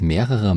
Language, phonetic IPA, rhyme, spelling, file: German, [ˈmeːʁəʁɐ], -eːʁəʁɐ, mehrerer, De-mehrerer.ogg
- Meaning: inflection of viel: 1. strong/mixed nominative masculine singular comparative degree 2. strong genitive/dative feminine singular comparative degree 3. strong genitive plural comparative degree